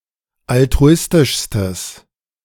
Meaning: strong/mixed nominative/accusative neuter singular superlative degree of altruistisch
- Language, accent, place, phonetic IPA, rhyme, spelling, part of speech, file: German, Germany, Berlin, [altʁuˈɪstɪʃstəs], -ɪstɪʃstəs, altruistischstes, adjective, De-altruistischstes.ogg